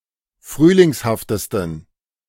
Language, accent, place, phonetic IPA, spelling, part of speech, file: German, Germany, Berlin, [ˈfʁyːlɪŋshaftəstn̩], frühlingshaftesten, adjective, De-frühlingshaftesten.ogg
- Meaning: 1. superlative degree of frühlingshaft 2. inflection of frühlingshaft: strong genitive masculine/neuter singular superlative degree